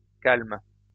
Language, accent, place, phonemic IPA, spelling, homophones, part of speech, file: French, France, Lyon, /kalm/, calmes, calme, adjective / noun / verb, LL-Q150 (fra)-calmes.wav
- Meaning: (adjective) plural of calme; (verb) second-person singular present indicative/subjunctive of calmer